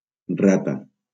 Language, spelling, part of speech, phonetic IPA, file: Catalan, rata, noun, [ˈra.ta], LL-Q7026 (cat)-rata.wav
- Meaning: 1. rat 2. Atlantic stargazer (Uranoscopus scaber)